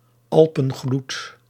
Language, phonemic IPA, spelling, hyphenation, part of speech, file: Dutch, /ˈɑl.pə(n)ˌɣlut/, alpengloed, al‧pen‧gloed, noun, Nl-alpengloed.ogg
- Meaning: alpenglow